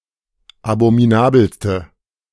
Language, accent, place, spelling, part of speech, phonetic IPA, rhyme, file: German, Germany, Berlin, abominabelste, adjective, [abomiˈnaːbl̩stə], -aːbl̩stə, De-abominabelste.ogg
- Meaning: inflection of abominabel: 1. strong/mixed nominative/accusative feminine singular superlative degree 2. strong nominative/accusative plural superlative degree